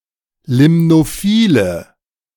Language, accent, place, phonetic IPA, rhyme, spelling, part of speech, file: German, Germany, Berlin, [ˌlɪmnoˈfiːlə], -iːlə, limnophile, adjective, De-limnophile.ogg
- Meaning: inflection of limnophil: 1. strong/mixed nominative/accusative feminine singular 2. strong nominative/accusative plural 3. weak nominative all-gender singular